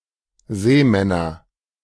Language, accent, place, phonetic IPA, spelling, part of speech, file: German, Germany, Berlin, [ˈzɛːˌmɛnɐ], Sämänner, noun, De-Sämänner.ogg
- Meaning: nominative/accusative/genitive plural of Sämann